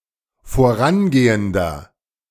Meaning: inflection of vorangehend: 1. strong/mixed nominative masculine singular 2. strong genitive/dative feminine singular 3. strong genitive plural
- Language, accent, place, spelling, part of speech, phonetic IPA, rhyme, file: German, Germany, Berlin, vorangehender, adjective, [foˈʁanˌɡeːəndɐ], -anɡeːəndɐ, De-vorangehender.ogg